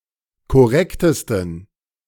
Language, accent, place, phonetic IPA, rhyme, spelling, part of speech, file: German, Germany, Berlin, [kɔˈʁɛktəstn̩], -ɛktəstn̩, korrektesten, adjective, De-korrektesten.ogg
- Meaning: 1. superlative degree of korrekt 2. inflection of korrekt: strong genitive masculine/neuter singular superlative degree